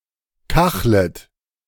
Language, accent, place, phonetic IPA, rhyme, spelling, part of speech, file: German, Germany, Berlin, [ˈkaxlət], -axlət, kachlet, verb, De-kachlet.ogg
- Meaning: second-person plural subjunctive I of kacheln